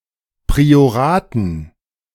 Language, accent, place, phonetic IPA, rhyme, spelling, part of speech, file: German, Germany, Berlin, [pʁioˈʁaːtn̩], -aːtn̩, Prioraten, noun, De-Prioraten.ogg
- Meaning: dative plural of Priorat